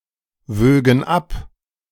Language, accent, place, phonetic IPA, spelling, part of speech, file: German, Germany, Berlin, [ˌvøːɡn̩ ˈap], wögen ab, verb, De-wögen ab.ogg
- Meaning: first/third-person plural subjunctive II of abwiegen